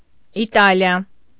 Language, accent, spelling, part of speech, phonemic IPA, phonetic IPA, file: Armenian, Eastern Armenian, Իտալիա, proper noun, /iˈtɑliɑ/, [itɑ́ljɑ], Hy-Իտալիա.ogg
- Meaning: Italy (a country in Southern Europe)